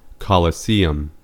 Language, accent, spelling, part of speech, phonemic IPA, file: English, US, colosseum, noun, /ˌkɒ.ləˈsiː.əm/, En-us-colosseum.ogg
- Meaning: Alternative spelling of coliseum